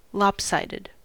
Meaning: 1. Not even or balanced; not the same on one side as on the other 2. biased; not balanced between points of view
- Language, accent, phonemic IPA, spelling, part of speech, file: English, US, /ˈlɑp.saɪ.dɪd/, lopsided, adjective, En-us-lopsided.ogg